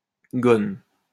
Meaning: a long gown worn by either sex
- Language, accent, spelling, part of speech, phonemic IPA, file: French, France, gonne, noun, /ɡɔn/, LL-Q150 (fra)-gonne.wav